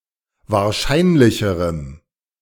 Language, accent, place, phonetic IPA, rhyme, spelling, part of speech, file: German, Germany, Berlin, [vaːɐ̯ˈʃaɪ̯nlɪçəʁəm], -aɪ̯nlɪçəʁəm, wahrscheinlicherem, adjective, De-wahrscheinlicherem.ogg
- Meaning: strong dative masculine/neuter singular comparative degree of wahrscheinlich